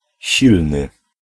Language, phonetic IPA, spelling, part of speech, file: Polish, [ˈɕilnɨ], silny, adjective, Pl-silny.ogg